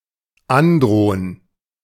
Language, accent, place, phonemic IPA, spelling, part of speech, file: German, Germany, Berlin, /ˈanˌdʁoːən/, androhen, verb, De-androhen.ogg
- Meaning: to threaten